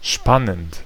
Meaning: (verb) present participle of spannen; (adjective) 1. thrilling, exciting, gripping, enthralling, spellbinding 2. interesting
- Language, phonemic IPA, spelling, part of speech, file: German, /ˈʃpanənt/, spannend, verb / adjective, De-spannend.ogg